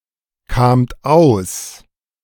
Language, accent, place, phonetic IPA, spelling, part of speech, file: German, Germany, Berlin, [ˌkaːmt ˈaʊ̯s], kamt aus, verb, De-kamt aus.ogg
- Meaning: second-person plural preterite of auskommen